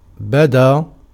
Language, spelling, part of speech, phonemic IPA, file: Arabic, بدا, verb, /ba.daː/, Ar-بدا.ogg
- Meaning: 1. to appear 2. to become evident, clear